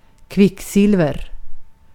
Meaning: 1. mercury (element) 2. mercury (element): the (figurative) mercury in a thermometer, in reference to temperature
- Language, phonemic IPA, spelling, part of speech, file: Swedish, /ˈkvɪkˌsɪlvɛr/, kvicksilver, noun, Sv-kvicksilver.ogg